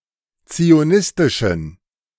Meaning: inflection of zionistisch: 1. strong genitive masculine/neuter singular 2. weak/mixed genitive/dative all-gender singular 3. strong/weak/mixed accusative masculine singular 4. strong dative plural
- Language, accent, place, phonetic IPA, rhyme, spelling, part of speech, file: German, Germany, Berlin, [t͡sioˈnɪstɪʃn̩], -ɪstɪʃn̩, zionistischen, adjective, De-zionistischen.ogg